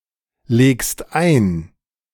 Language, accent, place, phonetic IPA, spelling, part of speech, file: German, Germany, Berlin, [ˌleːkst ˈaɪ̯n], legst ein, verb, De-legst ein.ogg
- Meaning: second-person singular present of einlegen